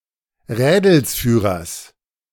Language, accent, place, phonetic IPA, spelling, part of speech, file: German, Germany, Berlin, [ˈʁɛːdl̩sfyːʁɐs], Rädelsführers, noun, De-Rädelsführers.ogg
- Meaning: genitive singular of Rädelsführer